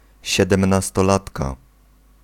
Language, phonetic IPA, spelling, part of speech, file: Polish, [ˌɕɛdɛ̃mnastɔˈlatka], siedemnastolatka, noun, Pl-siedemnastolatka.ogg